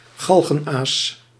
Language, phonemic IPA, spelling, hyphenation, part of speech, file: Dutch, /ˈɣɑl.ɣənˌaːs/, galgenaas, gal‧gen‧aas, noun, Nl-galgenaas.ogg
- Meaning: gallows bird, trouble-maker